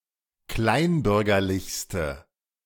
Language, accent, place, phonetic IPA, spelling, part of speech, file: German, Germany, Berlin, [ˈklaɪ̯nˌbʏʁɡɐlɪçstə], kleinbürgerlichste, adjective, De-kleinbürgerlichste.ogg
- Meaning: inflection of kleinbürgerlich: 1. strong/mixed nominative/accusative feminine singular superlative degree 2. strong nominative/accusative plural superlative degree